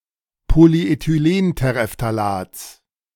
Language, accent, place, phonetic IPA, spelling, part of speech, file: German, Germany, Berlin, [poliʔetyˈleːnteʁeftaˌlaːt͡s], Polyethylenterephthalats, noun, De-Polyethylenterephthalats.ogg
- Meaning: genitive singular of Polyethylenterephthalat